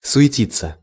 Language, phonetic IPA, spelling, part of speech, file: Russian, [sʊ(j)ɪˈtʲit͡sːə], суетиться, verb, Ru-суетиться.ogg
- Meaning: to fuss, to bustle